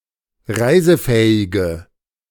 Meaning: inflection of reisefähig: 1. strong/mixed nominative/accusative feminine singular 2. strong nominative/accusative plural 3. weak nominative all-gender singular
- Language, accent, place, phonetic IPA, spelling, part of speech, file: German, Germany, Berlin, [ˈʁaɪ̯zəˌfɛːɪɡə], reisefähige, adjective, De-reisefähige.ogg